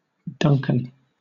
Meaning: 1. A male given name from Scottish Gaelic anglicized from Scottish Gaelic Donnchadh; the name of two early saints and of two kings of Scotland 2. A Scottish surname originating as a patronymic
- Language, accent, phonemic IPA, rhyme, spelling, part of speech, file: English, Southern England, /ˈdʌŋkən/, -ʌŋkən, Duncan, proper noun, LL-Q1860 (eng)-Duncan.wav